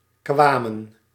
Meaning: inflection of komen: 1. plural past indicative 2. plural past subjunctive
- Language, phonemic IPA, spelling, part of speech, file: Dutch, /kʋɑmə(n)/, kwamen, verb, Nl-kwamen.ogg